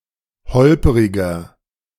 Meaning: 1. comparative degree of holperig 2. inflection of holperig: strong/mixed nominative masculine singular 3. inflection of holperig: strong genitive/dative feminine singular
- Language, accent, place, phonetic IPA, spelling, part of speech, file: German, Germany, Berlin, [ˈhɔlpəʁɪɡɐ], holperiger, adjective, De-holperiger.ogg